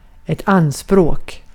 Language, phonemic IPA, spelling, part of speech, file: Swedish, /²anˌsproːk/, anspråk, noun, Sv-anspråk.ogg
- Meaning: 1. a claim (laying claim to, for example ownership, authorship, a right, or a title) 2. to take up, to use up, "to lay claim to"